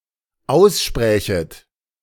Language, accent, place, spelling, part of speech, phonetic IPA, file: German, Germany, Berlin, aussprächet, verb, [ˈaʊ̯sˌʃpʁɛːçət], De-aussprächet.ogg
- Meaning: second-person plural dependent subjunctive II of aussprechen